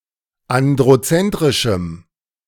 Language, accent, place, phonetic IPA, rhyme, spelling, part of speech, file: German, Germany, Berlin, [ˌandʁoˈt͡sɛntʁɪʃm̩], -ɛntʁɪʃm̩, androzentrischem, adjective, De-androzentrischem.ogg
- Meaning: strong dative masculine/neuter singular of androzentrisch